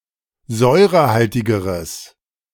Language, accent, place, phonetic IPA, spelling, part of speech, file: German, Germany, Berlin, [ˈzɔɪ̯ʁəˌhaltɪɡəʁəs], säurehaltigeres, adjective, De-säurehaltigeres.ogg
- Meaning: strong/mixed nominative/accusative neuter singular comparative degree of säurehaltig